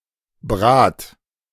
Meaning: 1. singular imperative of braten 2. first-person singular present of braten
- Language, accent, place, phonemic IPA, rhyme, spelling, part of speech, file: German, Germany, Berlin, /bʁaːt/, -aːt, brat, verb, De-brat.ogg